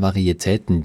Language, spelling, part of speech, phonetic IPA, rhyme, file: German, Varietäten, noun, [vaʁieˈtɛːtn̩], -ɛːtn̩, De-Varietäten.ogg
- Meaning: plural of Varietät